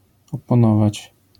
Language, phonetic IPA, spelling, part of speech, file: Polish, [ˌɔpɔ̃ˈnɔvat͡ɕ], oponować, verb, LL-Q809 (pol)-oponować.wav